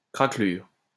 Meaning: a small crack, usually in paint, glaze, varnish and similar substances
- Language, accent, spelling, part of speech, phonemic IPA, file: French, France, craquelure, noun, /kʁa.klyʁ/, LL-Q150 (fra)-craquelure.wav